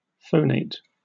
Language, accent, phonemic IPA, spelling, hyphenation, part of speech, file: English, General American, /ˈfoʊˌneɪt/, phonate, pho‧nate, verb, En-us-phonate.oga
- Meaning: 1. To make sounds with one's voice 2. To use one's voice to make specific sounds